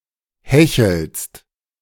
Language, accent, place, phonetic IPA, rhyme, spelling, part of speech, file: German, Germany, Berlin, [ˈhɛçl̩st], -ɛçl̩st, hechelst, verb, De-hechelst.ogg
- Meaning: second-person singular present of hecheln